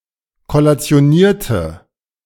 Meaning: inflection of kollationieren: 1. first/third-person singular preterite 2. first/third-person singular subjunctive II
- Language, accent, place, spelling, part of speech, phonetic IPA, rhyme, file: German, Germany, Berlin, kollationierte, adjective / verb, [kɔlat͡si̯oˈniːɐ̯tə], -iːɐ̯tə, De-kollationierte.ogg